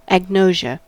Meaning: 1. The inability to recognise objects by use of the senses 2. Ignorance
- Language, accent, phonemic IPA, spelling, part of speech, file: English, US, /æɡˈnoʊ.ʒə/, agnosia, noun, En-us-agnosia.ogg